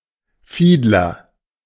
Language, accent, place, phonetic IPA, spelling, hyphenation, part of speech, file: German, Germany, Berlin, [ˈfiːdlɐ], Fiedler, Fied‧ler, noun, De-Fiedler.ogg
- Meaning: fiddler